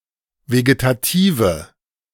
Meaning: inflection of vegetativ: 1. strong/mixed nominative/accusative feminine singular 2. strong nominative/accusative plural 3. weak nominative all-gender singular
- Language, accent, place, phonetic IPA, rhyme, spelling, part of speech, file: German, Germany, Berlin, [veɡetaˈtiːvə], -iːvə, vegetative, adjective, De-vegetative.ogg